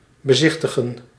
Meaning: 1. to behold 2. to sightsee, to view
- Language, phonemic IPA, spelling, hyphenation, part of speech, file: Dutch, /bəˈzɪxtəɣə(n)/, bezichtigen, be‧zich‧ti‧gen, verb, Nl-bezichtigen.ogg